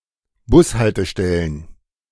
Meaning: plural of Bushaltestelle
- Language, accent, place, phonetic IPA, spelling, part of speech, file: German, Germany, Berlin, [ˈbʊsˌhaltəʃtɛlən], Bushaltestellen, noun, De-Bushaltestellen.ogg